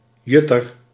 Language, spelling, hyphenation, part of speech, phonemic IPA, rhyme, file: Dutch, jutter, jut‧ter, noun, /ˈjʏ.tər/, -ʏtər, Nl-jutter.ogg
- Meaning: beachcomber